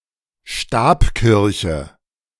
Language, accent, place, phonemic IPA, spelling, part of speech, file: German, Germany, Berlin, /ˈʃtaːpˌkɪʁçə/, Stabkirche, noun, De-Stabkirche.ogg
- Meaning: stave church